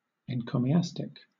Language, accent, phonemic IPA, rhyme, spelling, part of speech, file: English, Southern England, /ɛnkoʊmiˈæstɪk/, -æstɪk, encomiastic, adjective / noun, LL-Q1860 (eng)-encomiastic.wav
- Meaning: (adjective) 1. Of or relating to an encomiast 2. Bestowing praise; eulogistic; laudatory; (noun) A panegyric